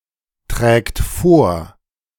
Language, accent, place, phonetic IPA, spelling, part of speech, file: German, Germany, Berlin, [ˌtʁɛːkt ˈfoːɐ̯], trägt vor, verb, De-trägt vor.ogg
- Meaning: third-person singular present of vortragen